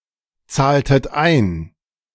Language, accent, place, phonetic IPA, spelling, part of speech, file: German, Germany, Berlin, [ˌt͡saːltət ˈaɪ̯n], zahltet ein, verb, De-zahltet ein.ogg
- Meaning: inflection of einzahlen: 1. second-person plural preterite 2. second-person plural subjunctive II